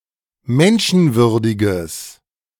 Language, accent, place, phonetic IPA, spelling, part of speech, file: German, Germany, Berlin, [ˈmɛnʃn̩ˌvʏʁdɪɡəs], menschenwürdiges, adjective, De-menschenwürdiges.ogg
- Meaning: strong/mixed nominative/accusative neuter singular of menschenwürdig